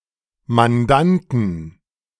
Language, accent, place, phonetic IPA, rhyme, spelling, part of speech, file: German, Germany, Berlin, [manˈdantn̩], -antn̩, Mandanten, noun, De-Mandanten.ogg
- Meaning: 1. genitive singular of Mandant 2. plural of Mandant